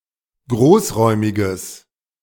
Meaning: strong/mixed nominative/accusative neuter singular of großräumig
- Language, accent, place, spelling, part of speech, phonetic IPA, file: German, Germany, Berlin, großräumiges, adjective, [ˈɡʁoːsˌʁɔɪ̯mɪɡəs], De-großräumiges.ogg